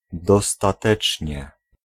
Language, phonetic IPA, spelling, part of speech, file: Polish, [ˌdɔstaˈtɛt͡ʃʲɲɛ], dostatecznie, adverb, Pl-dostatecznie.ogg